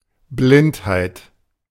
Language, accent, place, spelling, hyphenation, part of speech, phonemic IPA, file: German, Germany, Berlin, Blindheit, Blind‧heit, noun, /ˈblɪnt.haɪ̯t/, De-Blindheit.ogg
- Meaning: blindness (condition of being blind)